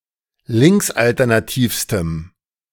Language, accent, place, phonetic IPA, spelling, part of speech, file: German, Germany, Berlin, [ˈlɪŋksʔaltɛʁnaˌtiːfstəm], linksalternativstem, adjective, De-linksalternativstem.ogg
- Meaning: strong dative masculine/neuter singular superlative degree of linksalternativ